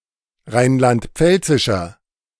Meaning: inflection of rheinland-pfälzisch: 1. strong/mixed nominative masculine singular 2. strong genitive/dative feminine singular 3. strong genitive plural
- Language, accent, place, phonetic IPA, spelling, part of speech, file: German, Germany, Berlin, [ˈʁaɪ̯nlantˈp͡fɛlt͡sɪʃɐ], rheinland-pfälzischer, adjective, De-rheinland-pfälzischer.ogg